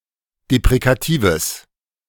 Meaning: strong/mixed nominative/accusative neuter singular of deprekativ
- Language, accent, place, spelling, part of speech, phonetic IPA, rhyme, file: German, Germany, Berlin, deprekatives, adjective, [depʁekaˈtiːvəs], -iːvəs, De-deprekatives.ogg